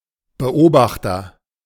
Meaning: observer
- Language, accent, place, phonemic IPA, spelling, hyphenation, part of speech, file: German, Germany, Berlin, /bəˈʔoːbaxtɐ/, Beobachter, Be‧ob‧ach‧ter, noun, De-Beobachter.ogg